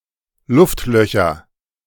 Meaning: nominative/accusative/genitive plural of Luftloch
- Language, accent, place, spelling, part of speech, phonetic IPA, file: German, Germany, Berlin, Luftlöcher, noun, [ˈlʊftˌlœçɐ], De-Luftlöcher.ogg